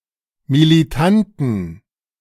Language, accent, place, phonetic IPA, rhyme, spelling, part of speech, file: German, Germany, Berlin, [miliˈtantn̩], -antn̩, militanten, adjective, De-militanten.ogg
- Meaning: inflection of militant: 1. strong genitive masculine/neuter singular 2. weak/mixed genitive/dative all-gender singular 3. strong/weak/mixed accusative masculine singular 4. strong dative plural